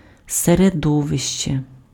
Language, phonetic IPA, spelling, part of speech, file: Ukrainian, [sereˈdɔʋeʃt͡ʃe], середовище, noun, Uk-середовище.ogg
- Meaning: 1. environment, surroundings 2. medium